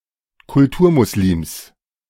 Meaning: 1. first-person singular genitive of Kulturmuslim 2. plural of Kulturmuslim
- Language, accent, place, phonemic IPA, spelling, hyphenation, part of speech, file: German, Germany, Berlin, /kʊlˈtuːɐ̯muslims/, Kulturmuslims, Kul‧tur‧mus‧lims, noun, De-Kulturmuslims.ogg